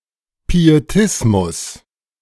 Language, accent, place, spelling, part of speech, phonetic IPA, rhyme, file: German, Germany, Berlin, Pietismus, noun, [pieˈtɪsmʊs], -ɪsmʊs, De-Pietismus.ogg
- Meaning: pietism